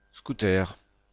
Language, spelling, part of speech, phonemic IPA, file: French, scooter, noun, /sku.tœʁ/, Fr-scooter1.ogg
- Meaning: scooter (motor-powered bicycle, sailing vessel)